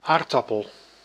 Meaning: 1. potato (tuber eaten as vegetable) 2. potato plant (Solanum tuberosum)
- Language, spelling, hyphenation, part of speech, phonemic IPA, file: Dutch, aardappel, aard‧ap‧pel, noun, /ˈaːr.dɑ.pəl/, Nl-aardappel.ogg